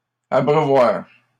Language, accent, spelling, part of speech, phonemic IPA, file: French, Canada, abreuvoirs, noun, /a.bʁœ.vwaʁ/, LL-Q150 (fra)-abreuvoirs.wav
- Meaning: plural of abreuvoir